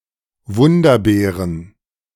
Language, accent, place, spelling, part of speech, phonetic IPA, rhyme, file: German, Germany, Berlin, Wunderbeeren, noun, [ˈvʊndɐˌbeːʁən], -ʊndɐbeːʁən, De-Wunderbeeren.ogg
- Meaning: plural of Wunderbeere